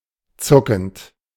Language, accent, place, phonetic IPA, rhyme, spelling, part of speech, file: German, Germany, Berlin, [ˈt͡sʊkn̩t], -ʊkn̩t, zuckend, verb, De-zuckend.ogg
- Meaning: present participle of zucken